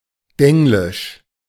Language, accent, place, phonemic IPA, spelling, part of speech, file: German, Germany, Berlin, /ˈdɛŋlɪʃ/, Denglisch, proper noun, De-Denglisch.ogg
- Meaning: 1. Denglish (German with excessive use of English vocabulary) 2. A kind of jocular slang with English words but German syntax and idioms